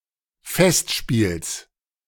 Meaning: genitive of Festspiel
- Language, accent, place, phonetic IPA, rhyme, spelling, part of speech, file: German, Germany, Berlin, [ˈfɛstˌʃpiːls], -ɛstʃpiːls, Festspiels, noun, De-Festspiels.ogg